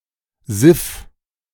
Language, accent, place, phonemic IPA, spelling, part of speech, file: German, Germany, Berlin, /zɪf/, Siff, noun, De-Siff.ogg
- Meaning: 1. filth, dirt, especially moist or greasy kinds 2. nonsense, tosh